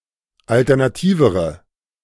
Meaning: inflection of alternativ: 1. strong/mixed nominative/accusative feminine singular comparative degree 2. strong nominative/accusative plural comparative degree
- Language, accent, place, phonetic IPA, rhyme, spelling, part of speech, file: German, Germany, Berlin, [ˌaltɛʁnaˈtiːvəʁə], -iːvəʁə, alternativere, adjective, De-alternativere.ogg